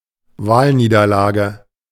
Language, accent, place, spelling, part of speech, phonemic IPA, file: German, Germany, Berlin, Wahlniederlage, noun, /ˈvaːlniːdɐˌlaːɡə/, De-Wahlniederlage.ogg
- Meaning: electoral defeat, election defeat